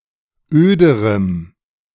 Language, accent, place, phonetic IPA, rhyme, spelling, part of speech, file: German, Germany, Berlin, [ˈøːdəʁəm], -øːdəʁəm, öderem, adjective, De-öderem.ogg
- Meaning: strong dative masculine/neuter singular comparative degree of öd